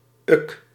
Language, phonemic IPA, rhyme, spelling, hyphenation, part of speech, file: Dutch, /ʏk/, -ʏk, uk, uk, noun, Nl-uk.ogg
- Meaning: small child, tot